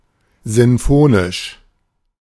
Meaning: symphonic
- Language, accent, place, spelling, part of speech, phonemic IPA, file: German, Germany, Berlin, sinfonisch, adjective, /ˌzɪnˈfoːnɪʃ/, De-sinfonisch.ogg